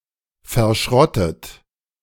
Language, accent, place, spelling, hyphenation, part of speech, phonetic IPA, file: German, Germany, Berlin, verschrottet, ver‧schrot‧tet, verb / adjective, [fɛɐ̯ˈʃʁɔtət], De-verschrottet.ogg
- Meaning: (verb) past participle of verschrotten; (adjective) scrapped; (verb) inflection of verschrotten: 1. third-person singular present 2. second-person plural present 3. plural imperative